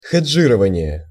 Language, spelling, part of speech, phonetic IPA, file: Russian, хеджирование, noun, [xʲɪd͡ʐˈʐɨrəvənʲɪje], Ru-хеджирование.ogg
- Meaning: hedging